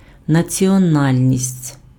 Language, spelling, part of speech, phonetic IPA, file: Ukrainian, національність, noun, [nɐt͡sʲiɔˈnalʲnʲisʲtʲ], Uk-національність.ogg
- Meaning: nationality (membership of a particular nation)